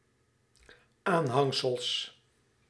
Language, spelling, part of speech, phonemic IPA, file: Dutch, aanhangsels, noun, /ˈanhaŋsəls/, Nl-aanhangsels.ogg
- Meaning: plural of aanhangsel